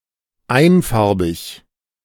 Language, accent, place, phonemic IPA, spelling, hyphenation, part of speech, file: German, Germany, Berlin, /ˈaɪ̯n.ˌfaʁ.bɪç/, einfarbig, ein‧far‧big, adjective, De-einfarbig.ogg
- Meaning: monocolor/monocolour, unicolor/unicolour, unicolored, monochromatic, monochrome